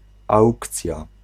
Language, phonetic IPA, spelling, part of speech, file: Polish, [ˈawkt͡sʲja], aukcja, noun, Pl-aukcja.ogg